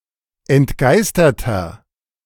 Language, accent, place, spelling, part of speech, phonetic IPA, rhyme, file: German, Germany, Berlin, entgeisterter, adjective, [ɛntˈɡaɪ̯stɐtɐ], -aɪ̯stɐtɐ, De-entgeisterter.ogg
- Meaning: inflection of entgeistert: 1. strong/mixed nominative masculine singular 2. strong genitive/dative feminine singular 3. strong genitive plural